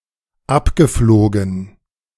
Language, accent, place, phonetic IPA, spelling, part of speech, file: German, Germany, Berlin, [ˈapɡəˌfloːɡn̩], abgeflogen, verb, De-abgeflogen.ogg
- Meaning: past participle of abfliegen